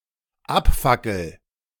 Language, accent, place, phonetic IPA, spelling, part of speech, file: German, Germany, Berlin, [ˈapˌfakl̩], abfackel, verb, De-abfackel.ogg
- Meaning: first-person singular dependent present of abfackeln